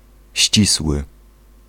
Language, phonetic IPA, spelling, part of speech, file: Polish, [ˈɕt͡ɕiswɨ], ścisły, adjective, Pl-ścisły.ogg